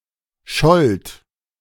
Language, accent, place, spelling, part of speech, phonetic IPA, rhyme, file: German, Germany, Berlin, schollt, verb, [ʃɔlt], -ɔlt, De-schollt.ogg
- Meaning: second-person plural preterite of schallen